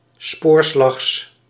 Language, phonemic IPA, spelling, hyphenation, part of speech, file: Dutch, /ˈspoːr.slɑxs/, spoorslags, spoor‧slags, adverb, Nl-spoorslags.ogg
- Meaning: rapidly, hurriedly, quickly